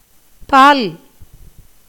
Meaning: 1. milk, dairy 2. milky juice in plants, fruits, etc 3. liquid extract 4. part, portion, share, section 5. side 6. sex (biological categorization) 7. gender
- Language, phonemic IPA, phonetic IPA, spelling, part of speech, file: Tamil, /pɑːl/, [päːl], பால், noun, Ta-பால்.ogg